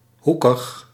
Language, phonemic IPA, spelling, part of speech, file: Dutch, /ˈhukəx/, hoekig, adjective, Nl-hoekig.ogg
- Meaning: 1. angular 2. stiff, rigid